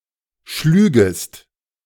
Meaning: second-person singular subjunctive II of schlagen
- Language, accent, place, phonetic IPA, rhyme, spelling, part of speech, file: German, Germany, Berlin, [ˈʃlyːɡəst], -yːɡəst, schlügest, verb, De-schlügest.ogg